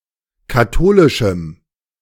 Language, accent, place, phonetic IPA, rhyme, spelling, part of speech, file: German, Germany, Berlin, [kaˈtoːlɪʃm̩], -oːlɪʃm̩, katholischem, adjective, De-katholischem.ogg
- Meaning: strong dative masculine/neuter singular of katholisch